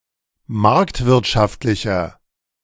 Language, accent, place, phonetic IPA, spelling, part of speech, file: German, Germany, Berlin, [ˈmaʁktvɪʁtʃaftlɪçɐ], marktwirtschaftlicher, adjective, De-marktwirtschaftlicher.ogg
- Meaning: 1. comparative degree of marktwirtschaftlich 2. inflection of marktwirtschaftlich: strong/mixed nominative masculine singular